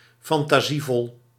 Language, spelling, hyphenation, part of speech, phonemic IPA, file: Dutch, fantasievol, fan‧ta‧sie‧vol, adjective, /fɑn.taːˈziˌvɔl/, Nl-fantasievol.ogg
- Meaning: imaginative